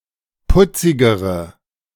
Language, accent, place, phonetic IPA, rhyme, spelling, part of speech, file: German, Germany, Berlin, [ˈpʊt͡sɪɡəʁə], -ʊt͡sɪɡəʁə, putzigere, adjective, De-putzigere.ogg
- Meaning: inflection of putzig: 1. strong/mixed nominative/accusative feminine singular comparative degree 2. strong nominative/accusative plural comparative degree